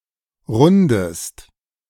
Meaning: inflection of runden: 1. second-person singular present 2. second-person singular subjunctive I
- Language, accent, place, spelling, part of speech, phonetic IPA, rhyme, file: German, Germany, Berlin, rundest, verb, [ˈʁʊndəst], -ʊndəst, De-rundest.ogg